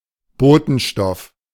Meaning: semiochemical; signaling molecule
- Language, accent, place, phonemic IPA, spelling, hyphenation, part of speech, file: German, Germany, Berlin, /ˈboːtn̩ˌʃtɔf/, Botenstoff, Bo‧ten‧stoff, noun, De-Botenstoff.ogg